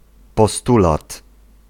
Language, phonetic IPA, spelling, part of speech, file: Polish, [pɔˈstulat], postulat, noun, Pl-postulat.ogg